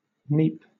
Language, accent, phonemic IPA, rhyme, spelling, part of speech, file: English, Southern England, /niːp/, -iːp, neap, noun / adjective / verb, LL-Q1860 (eng)-neap.wav
- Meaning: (noun) The tongue or pole of a cart or other vehicle drawn by two animals; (adjective) Low; lowest; the ebb or lowest point of a tide